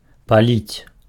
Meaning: 1. to burn (to cause to be consumed by fire) 2. to smoke (cigarettes, tobacco) 3. to pour (liquid)
- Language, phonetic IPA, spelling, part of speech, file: Belarusian, [paˈlʲit͡sʲ], паліць, verb, Be-паліць.ogg